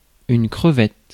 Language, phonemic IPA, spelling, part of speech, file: French, /kʁə.vɛt/, crevette, noun, Fr-crevette.ogg
- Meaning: shrimp